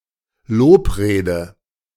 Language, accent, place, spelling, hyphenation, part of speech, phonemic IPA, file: German, Germany, Berlin, Lobrede, Lob‧re‧de, noun, /ˈloːpˌʁeːdə/, De-Lobrede.ogg
- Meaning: eulogy, panegyric